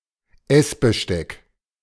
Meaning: cutlery
- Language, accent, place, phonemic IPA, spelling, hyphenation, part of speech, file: German, Germany, Berlin, /ˈɛsbəˌʃtɛk/, Essbesteck, Ess‧be‧steck, noun, De-Essbesteck.ogg